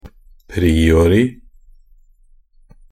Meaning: only used in a priori (“a priori”)
- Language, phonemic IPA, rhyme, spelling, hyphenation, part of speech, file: Norwegian Bokmål, /ˈpriːoːrɪ/, -oːrɪ, priori, pri‧o‧ri, adverb, NB - Pronunciation of Norwegian Bokmål «priori».ogg